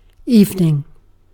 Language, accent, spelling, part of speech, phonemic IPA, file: English, UK, evening, noun, /ˈiːv.nɪŋ/, En-uk-evening.ogg
- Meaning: The time of day between afternoon and night